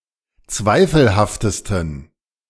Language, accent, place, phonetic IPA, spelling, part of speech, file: German, Germany, Berlin, [ˈt͡svaɪ̯fl̩haftəstn̩], zweifelhaftesten, adjective, De-zweifelhaftesten.ogg
- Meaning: 1. superlative degree of zweifelhaft 2. inflection of zweifelhaft: strong genitive masculine/neuter singular superlative degree